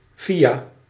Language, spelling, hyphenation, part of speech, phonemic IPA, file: Dutch, via, via, preposition, /ˈvi.aː/, Nl-via.ogg
- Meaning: 1. via, through, by way of 2. by (means of); using (a medium)